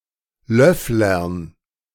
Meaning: dative plural of Löffler
- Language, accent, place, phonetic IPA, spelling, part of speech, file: German, Germany, Berlin, [ˈlœflɐn], Löfflern, noun, De-Löfflern.ogg